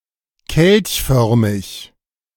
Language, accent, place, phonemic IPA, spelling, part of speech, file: German, Germany, Berlin, /ˈkɛlçˌfœʁmɪç/, kelchförmig, adjective, De-kelchförmig.ogg
- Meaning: caliciform, calyceal